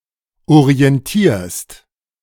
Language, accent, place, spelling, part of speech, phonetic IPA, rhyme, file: German, Germany, Berlin, orientierst, verb, [oʁiɛnˈtiːɐ̯st], -iːɐ̯st, De-orientierst.ogg
- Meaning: second-person singular present of orientieren